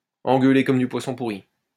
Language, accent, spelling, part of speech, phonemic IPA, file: French, France, engueuler comme du poisson pourri, verb, /ɑ̃.ɡœ.le kɔm dy pwa.sɔ̃ pu.ʁi/, LL-Q150 (fra)-engueuler comme du poisson pourri.wav
- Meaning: to give (someone) a rollicking, to give (someone) a bollocking, to tear a strip off (someone)